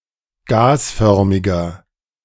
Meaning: inflection of gasförmig: 1. strong/mixed nominative masculine singular 2. strong genitive/dative feminine singular 3. strong genitive plural
- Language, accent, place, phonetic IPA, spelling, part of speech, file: German, Germany, Berlin, [ˈɡaːsˌfœʁmɪɡɐ], gasförmiger, adjective, De-gasförmiger.ogg